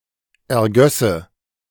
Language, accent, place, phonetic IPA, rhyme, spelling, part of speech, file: German, Germany, Berlin, [ɛɐ̯ˈɡœsə], -œsə, ergösse, verb, De-ergösse.ogg
- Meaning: first/third-person singular subjunctive II of ergießen